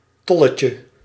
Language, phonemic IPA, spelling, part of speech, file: Dutch, /ˈtɔləcə/, tolletje, noun, Nl-tolletje.ogg
- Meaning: diminutive of tol